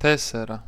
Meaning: four, 4
- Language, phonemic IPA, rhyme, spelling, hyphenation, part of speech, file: Greek, /ˈte.se.ɾa/, -eseɾa, τέσσερα, τέσ‧σε‧ρα, numeral, El-τέσσερα.ogg